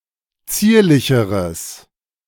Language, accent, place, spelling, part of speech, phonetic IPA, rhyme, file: German, Germany, Berlin, zierlicheres, adjective, [ˈt͡siːɐ̯lɪçəʁəs], -iːɐ̯lɪçəʁəs, De-zierlicheres.ogg
- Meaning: strong/mixed nominative/accusative neuter singular comparative degree of zierlich